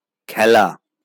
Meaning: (verb) to play; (noun) play, game, sport
- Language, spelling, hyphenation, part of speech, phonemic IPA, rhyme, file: Bengali, খেলা, খে‧লা, verb / noun, /kʰæla/, -æla, LL-Q9610 (ben)-খেলা.wav